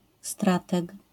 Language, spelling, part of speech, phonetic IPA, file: Polish, strateg, noun, [ˈstratɛk], LL-Q809 (pol)-strateg.wav